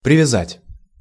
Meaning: 1. to tie up, to attach, to fasten, to tether 2. to win over, to attach
- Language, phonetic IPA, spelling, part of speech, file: Russian, [prʲɪvʲɪˈzatʲ], привязать, verb, Ru-привязать.ogg